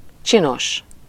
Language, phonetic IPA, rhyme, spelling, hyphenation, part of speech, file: Hungarian, [ˈt͡ʃinoʃ], -oʃ, csinos, csi‧nos, adjective, Hu-csinos.ogg
- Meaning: 1. pretty, neat, comely, good-looking (pleasing or attractive to the eye) 2. considerable, generous, tidy